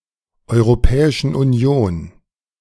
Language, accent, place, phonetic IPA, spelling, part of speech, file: German, Germany, Berlin, [ʔɔɪ̯ʁoˌpɛːɪʃn̩ ʔuˈni̯oːn], Europäischen Union, proper noun, De-Europäischen Union.ogg
- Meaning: 1. genitive singular of Europäische Union 2. dative singular of Europäische Union